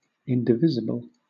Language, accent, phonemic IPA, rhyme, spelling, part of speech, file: English, Southern England, /ˌɪndɪˈvɪzɪbəl/, -ɪzɪbəl, indivisible, adjective / noun, LL-Q1860 (eng)-indivisible.wav
- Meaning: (adjective) 1. Incapable of being divided; atomic 2. Incapable of being divided by a specific integer without leaving a remainder; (noun) That which cannot be divided or split